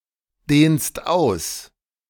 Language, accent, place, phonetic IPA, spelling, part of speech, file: German, Germany, Berlin, [ˌdeːnst ˈaʊ̯s], dehnst aus, verb, De-dehnst aus.ogg
- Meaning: second-person singular present of ausdehnen